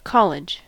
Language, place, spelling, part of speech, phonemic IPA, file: English, California, college, noun, /ˈkɑ.lɪdʒ/, En-us-college.ogg
- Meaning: An academic institution.: 1. A specialized division of a university 2. An institution of higher education teaching undergraduates 3. A university